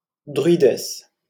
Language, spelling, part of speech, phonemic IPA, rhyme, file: French, druidesse, noun, /dʁɥi.dɛs/, -ɛs, LL-Q150 (fra)-druidesse.wav
- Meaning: druidess; female equivalent of druide